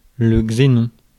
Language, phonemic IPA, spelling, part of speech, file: French, /ɡze.nɔ̃/, xénon, noun, Fr-xénon.ogg
- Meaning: xenon